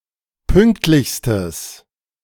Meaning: strong/mixed nominative/accusative neuter singular superlative degree of pünktlich
- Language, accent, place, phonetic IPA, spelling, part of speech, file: German, Germany, Berlin, [ˈpʏŋktlɪçstəs], pünktlichstes, adjective, De-pünktlichstes.ogg